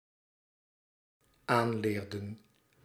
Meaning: inflection of aanleren: 1. plural dependent-clause past indicative 2. plural dependent-clause past subjunctive
- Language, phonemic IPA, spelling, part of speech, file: Dutch, /ˈanlerdə(n)/, aanleerden, verb, Nl-aanleerden.ogg